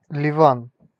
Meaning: Lebanon (a country in West Asia in the Middle East)
- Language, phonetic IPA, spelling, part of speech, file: Russian, [lʲɪˈvan], Ливан, proper noun, Ru-Ливан.ogg